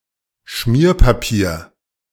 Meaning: scratch paper
- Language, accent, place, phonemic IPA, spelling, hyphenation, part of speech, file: German, Germany, Berlin, /ˈʃmiːɐ̯paˌpiːɐ̯/, Schmierpapier, Schmier‧pa‧pier, noun, De-Schmierpapier.ogg